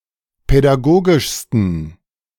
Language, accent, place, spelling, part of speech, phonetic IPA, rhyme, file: German, Germany, Berlin, pädagogischsten, adjective, [pɛdaˈɡoːɡɪʃstn̩], -oːɡɪʃstn̩, De-pädagogischsten.ogg
- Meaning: 1. superlative degree of pädagogisch 2. inflection of pädagogisch: strong genitive masculine/neuter singular superlative degree